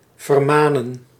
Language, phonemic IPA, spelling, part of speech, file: Dutch, /vərˈmaːnə(n)/, vermanen, verb, Nl-vermanen.ogg
- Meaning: to admonish